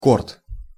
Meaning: tennis court, court
- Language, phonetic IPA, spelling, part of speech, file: Russian, [kort], корт, noun, Ru-корт.ogg